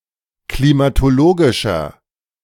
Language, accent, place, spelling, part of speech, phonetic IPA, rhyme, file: German, Germany, Berlin, klimatologischer, adjective, [klimatoˈloːɡɪʃɐ], -oːɡɪʃɐ, De-klimatologischer.ogg
- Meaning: inflection of klimatologisch: 1. strong/mixed nominative masculine singular 2. strong genitive/dative feminine singular 3. strong genitive plural